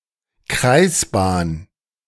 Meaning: orbit (circular path)
- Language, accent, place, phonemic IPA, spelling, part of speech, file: German, Germany, Berlin, /ˈkʁaɪ̯sˌbaːn/, Kreisbahn, noun, De-Kreisbahn.ogg